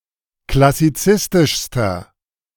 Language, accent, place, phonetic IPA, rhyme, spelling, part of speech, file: German, Germany, Berlin, [klasiˈt͡sɪstɪʃstɐ], -ɪstɪʃstɐ, klassizistischster, adjective, De-klassizistischster.ogg
- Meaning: inflection of klassizistisch: 1. strong/mixed nominative masculine singular superlative degree 2. strong genitive/dative feminine singular superlative degree